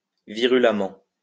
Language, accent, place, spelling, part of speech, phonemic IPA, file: French, France, Lyon, virulemment, adverb, /vi.ʁy.la.mɑ̃/, LL-Q150 (fra)-virulemment.wav
- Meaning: virulently